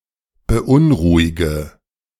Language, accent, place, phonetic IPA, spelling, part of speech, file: German, Germany, Berlin, [bəˈʔʊnˌʁuːɪɡə], beunruhige, verb, De-beunruhige.ogg
- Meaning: inflection of beunruhigen: 1. first-person singular present 2. first/third-person singular subjunctive I 3. singular imperative